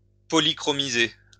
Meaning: to paint (typically a statue) using polychrome
- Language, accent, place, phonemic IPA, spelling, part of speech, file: French, France, Lyon, /pɔ.li.kʁɔ.mi.ze/, polychromiser, verb, LL-Q150 (fra)-polychromiser.wav